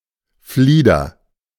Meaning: 1. lilac (shrub of the genus Syringa) 2. black elder (shrub)
- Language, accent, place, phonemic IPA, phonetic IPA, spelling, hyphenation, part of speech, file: German, Germany, Berlin, /ˈfliːdər/, [ˈfliː.dɐ], Flieder, Flie‧der, noun, De-Flieder.ogg